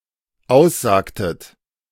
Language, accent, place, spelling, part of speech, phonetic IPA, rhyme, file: German, Germany, Berlin, aussagtet, verb, [ˈaʊ̯sˌzaːktət], -aʊ̯szaːktət, De-aussagtet.ogg
- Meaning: inflection of aussagen: 1. second-person plural dependent preterite 2. second-person plural dependent subjunctive II